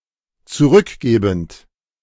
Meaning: present participle of zurückgeben
- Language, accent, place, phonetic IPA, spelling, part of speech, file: German, Germany, Berlin, [t͡suˈʁʏkˌɡeːbn̩t], zurückgebend, verb, De-zurückgebend.ogg